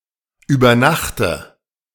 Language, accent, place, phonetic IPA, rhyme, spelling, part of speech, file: German, Germany, Berlin, [yːbɐˈnaxtə], -axtə, übernachte, verb, De-übernachte.ogg
- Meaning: inflection of übernachten: 1. first-person singular present 2. first/third-person singular subjunctive I 3. singular imperative